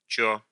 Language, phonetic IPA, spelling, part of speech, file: Russian, [t͡ɕɵ], чо, pronoun, Ru-чо.ogg
- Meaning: what, alternative form of что (što), alternative form of чё (čo)